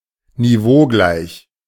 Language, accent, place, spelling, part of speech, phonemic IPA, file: German, Germany, Berlin, niveaugleich, adjective, /niˈvoːˌɡlaɪ̯ç/, De-niveaugleich.ogg
- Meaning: on the same level, matching in elevation